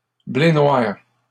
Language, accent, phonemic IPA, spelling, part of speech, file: French, Canada, /ble nwaʁ/, blé noir, noun, LL-Q150 (fra)-blé noir.wav
- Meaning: buckwheat